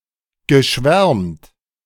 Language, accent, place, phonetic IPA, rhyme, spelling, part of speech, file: German, Germany, Berlin, [ɡəˈʃvɛʁmt], -ɛʁmt, geschwärmt, verb, De-geschwärmt.ogg
- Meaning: past participle of schwärmen